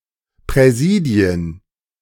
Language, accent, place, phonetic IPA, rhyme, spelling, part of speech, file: German, Germany, Berlin, [ˌpʁɛˈziːdi̯ən], -iːdi̯ən, Präsidien, noun, De-Präsidien.ogg
- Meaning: plural of Präsidium